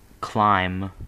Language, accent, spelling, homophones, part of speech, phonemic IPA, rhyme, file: English, US, clime, climb, noun / verb, /klaɪm/, -aɪm, En-us-clime.ogg
- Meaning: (noun) 1. A particular region defined by its weather or climate 2. Climate 3. The context in general of a particular political, moral, etc., situation; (verb) Misspelling of climb